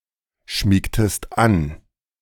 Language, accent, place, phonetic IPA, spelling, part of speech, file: German, Germany, Berlin, [ˌʃmiːktəst ˈan], schmiegtest an, verb, De-schmiegtest an.ogg
- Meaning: inflection of anschmiegen: 1. second-person singular preterite 2. second-person singular subjunctive II